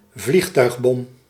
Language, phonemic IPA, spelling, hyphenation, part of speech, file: Dutch, /ˈvlix.tœy̯xˌbɔm/, vliegtuigbom, vlieg‧tuig‧bom, noun, Nl-vliegtuigbom.ogg
- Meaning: aerial bomb, bomb dropped or launched from an aircraft